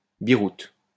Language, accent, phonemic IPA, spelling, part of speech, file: French, France, /bi.ʁut/, biroute, noun, LL-Q150 (fra)-biroute.wav
- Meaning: windsock